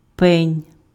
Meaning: stump, stub, rampike
- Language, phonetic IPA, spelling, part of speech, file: Ukrainian, [pɛnʲ], пень, noun, Uk-пень.ogg